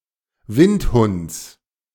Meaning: genitive singular of Windhund
- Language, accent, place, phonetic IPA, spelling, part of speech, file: German, Germany, Berlin, [ˈvɪntˌhʊnt͡s], Windhunds, noun, De-Windhunds.ogg